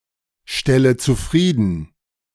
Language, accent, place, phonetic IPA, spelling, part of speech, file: German, Germany, Berlin, [ˌʃtɛlə t͡suˈfʁiːdn̩], stelle zufrieden, verb, De-stelle zufrieden.ogg
- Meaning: inflection of zufriedenstellen: 1. first-person singular present 2. first/third-person singular subjunctive I 3. singular imperative